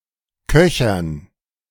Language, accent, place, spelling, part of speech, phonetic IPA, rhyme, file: German, Germany, Berlin, Köchern, noun, [ˈkœçɐn], -œçɐn, De-Köchern.ogg
- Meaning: dative plural of Köcher